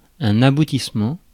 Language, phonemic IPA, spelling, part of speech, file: French, /a.bu.tis.mɑ̃/, aboutissement, noun, Fr-aboutissement.ogg
- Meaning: 1. the end or conclusion of a process 2. a result or outcome, usually a positive one